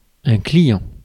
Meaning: 1. client, retainer, follower (person who is under the patronage of someone else) 2. customer (one who purchases or receives a product or service)
- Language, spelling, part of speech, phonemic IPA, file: French, client, noun, /kli.jɑ̃/, Fr-client.ogg